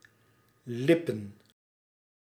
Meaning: plural of lip
- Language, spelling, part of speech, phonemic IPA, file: Dutch, lippen, verb / noun, /ˈlɪpə(n)/, Nl-lippen.ogg